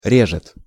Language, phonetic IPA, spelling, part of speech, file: Russian, [ˈrʲeʐɨt], режет, verb, Ru-режет.ogg
- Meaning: third-person singular present indicative imperfective of ре́зать (rézatʹ)